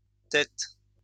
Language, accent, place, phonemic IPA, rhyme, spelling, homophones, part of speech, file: French, France, Lyon, /tɛt/, -ɛt, tette, tettes / tête / têtes, noun, LL-Q150 (fra)-tette.wav
- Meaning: nipple (of an animal)